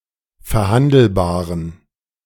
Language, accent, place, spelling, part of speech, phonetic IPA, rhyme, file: German, Germany, Berlin, verhandelbaren, adjective, [fɛɐ̯ˈhandl̩baːʁən], -andl̩baːʁən, De-verhandelbaren.ogg
- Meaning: inflection of verhandelbar: 1. strong genitive masculine/neuter singular 2. weak/mixed genitive/dative all-gender singular 3. strong/weak/mixed accusative masculine singular 4. strong dative plural